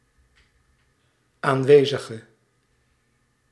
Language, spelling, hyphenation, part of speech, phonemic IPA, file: Dutch, aanwezige, aan‧we‧zi‧ge, adjective / noun, /ˌaːnˈʋeː.zə.ɣə/, Nl-aanwezige.ogg
- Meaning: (adjective) inflection of aanwezig: 1. masculine/feminine singular attributive 2. definite neuter singular attributive 3. plural attributive